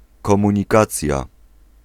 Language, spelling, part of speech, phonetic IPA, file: Polish, komunikacja, noun, [ˌkɔ̃mũɲiˈkat͡sʲja], Pl-komunikacja.ogg